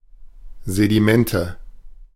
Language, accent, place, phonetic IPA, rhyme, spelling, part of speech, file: German, Germany, Berlin, [zediˈmɛntə], -ɛntə, Sedimente, noun, De-Sedimente.ogg
- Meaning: nominative/accusative/genitive plural of Sediment